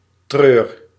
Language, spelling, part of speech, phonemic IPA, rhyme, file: Dutch, treur, verb, /trøːr/, -øːr, Nl-treur.ogg
- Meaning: inflection of treuren: 1. first-person singular present indicative 2. second-person singular present indicative 3. imperative